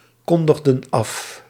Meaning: inflection of afkondigen: 1. plural past indicative 2. plural past subjunctive
- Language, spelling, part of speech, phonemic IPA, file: Dutch, kondigden af, verb, /ˈkɔndəɣdə(n) ˈɑf/, Nl-kondigden af.ogg